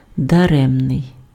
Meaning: 1. futile, vain, useless, unavailing, fruitless 2. gifted, granted, presented (given as a present)
- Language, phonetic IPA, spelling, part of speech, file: Ukrainian, [dɐˈrɛmnei̯], даремний, adjective, Uk-даремний.ogg